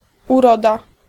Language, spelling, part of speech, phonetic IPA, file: Polish, uroda, noun, [uˈrɔda], Pl-uroda.ogg